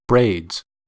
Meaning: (noun) plural of braid; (verb) third-person singular simple present indicative of braid
- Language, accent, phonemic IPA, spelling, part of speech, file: English, General American, /bɹeɪdz/, braids, noun / verb, En-us-braids.ogg